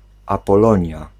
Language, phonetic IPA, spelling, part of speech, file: Polish, [ˌapɔˈlɔ̃ɲja], Apolonia, proper noun, Pl-Apolonia.ogg